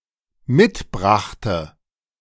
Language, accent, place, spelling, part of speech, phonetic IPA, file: German, Germany, Berlin, mitbrachte, verb, [ˈmɪtˌbʁaxtə], De-mitbrachte.ogg
- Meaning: first/third-person singular dependent preterite of mitbringen